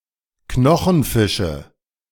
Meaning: nominative/accusative/genitive plural of Knochenfisch
- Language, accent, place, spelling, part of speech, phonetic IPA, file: German, Germany, Berlin, Knochenfische, noun, [ˈknɔxn̩ˌfɪʃə], De-Knochenfische.ogg